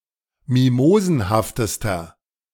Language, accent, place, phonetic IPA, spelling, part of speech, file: German, Germany, Berlin, [ˈmimoːzn̩haftəstɐ], mimosenhaftester, adjective, De-mimosenhaftester.ogg
- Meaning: inflection of mimosenhaft: 1. strong/mixed nominative masculine singular superlative degree 2. strong genitive/dative feminine singular superlative degree 3. strong genitive plural superlative degree